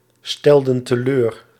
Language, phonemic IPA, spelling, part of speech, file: Dutch, /ˈstɛldə(n) təˈlør/, stelden teleur, verb, Nl-stelden teleur.ogg
- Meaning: inflection of teleurstellen: 1. plural past indicative 2. plural past subjunctive